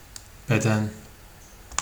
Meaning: 1. body 2. size (a specific set of dimensions for clothing) 3. ellipsis of beden eğitimi
- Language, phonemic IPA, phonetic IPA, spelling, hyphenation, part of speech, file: Turkish, /beˈdɛn/, [beˈdæn], beden, be‧den, noun, Tr-beden.oga